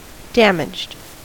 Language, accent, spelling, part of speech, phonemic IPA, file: English, US, damaged, verb / adjective, /ˈdæmɪd͡ʒd/, En-us-damaged.ogg
- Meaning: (verb) simple past and past participle of damage; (adjective) That has suffered damage